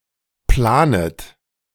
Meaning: second-person plural subjunctive I of planen
- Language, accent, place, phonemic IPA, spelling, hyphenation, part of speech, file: German, Germany, Berlin, /ˈplaːnət/, planet, pla‧net, verb, De-planet.ogg